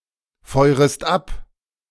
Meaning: second-person singular subjunctive I of abfeuern
- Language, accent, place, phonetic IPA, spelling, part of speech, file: German, Germany, Berlin, [ˌfɔɪ̯ʁəst ˈap], feurest ab, verb, De-feurest ab.ogg